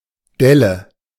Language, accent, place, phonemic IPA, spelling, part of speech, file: German, Germany, Berlin, /ˈdɛlə/, Delle, noun, De-Delle.ogg
- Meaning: 1. dent 2. hollow